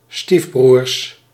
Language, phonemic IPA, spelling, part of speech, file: Dutch, /ˈstifbruːr/, stiefbroers, noun, Nl-stiefbroers.ogg
- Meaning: plural of stiefbroer